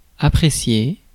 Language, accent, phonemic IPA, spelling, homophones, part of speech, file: French, France, /a.pʁe.sje/, apprécier, appréciai / apprécié / appréciée / appréciées / appréciés / appréciez, verb, Fr-apprécier.ogg
- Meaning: 1. to appreciate 2. to like 3. to evaluate or measure quantitatively; to appraise